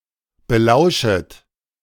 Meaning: second-person plural subjunctive I of belauschen
- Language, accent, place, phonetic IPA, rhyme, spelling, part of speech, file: German, Germany, Berlin, [bəˈlaʊ̯ʃət], -aʊ̯ʃət, belauschet, verb, De-belauschet.ogg